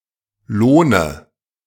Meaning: dative singular of Lohn
- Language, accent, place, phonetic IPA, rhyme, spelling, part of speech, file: German, Germany, Berlin, [ˈloːnə], -oːnə, Lohne, proper noun, De-Lohne.ogg